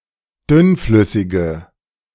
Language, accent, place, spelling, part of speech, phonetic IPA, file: German, Germany, Berlin, dünnflüssige, adjective, [ˈdʏnˌflʏsɪɡə], De-dünnflüssige.ogg
- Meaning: inflection of dünnflüssig: 1. strong/mixed nominative/accusative feminine singular 2. strong nominative/accusative plural 3. weak nominative all-gender singular